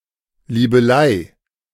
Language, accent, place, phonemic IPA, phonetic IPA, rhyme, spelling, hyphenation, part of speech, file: German, Germany, Berlin, /liːbəˈlaɪ/, [ˌliːbəˈlaɪ̯], -aɪ̯, Liebelei, Lie‧be‧lei, noun, De-Liebelei.ogg
- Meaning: fling, dalliance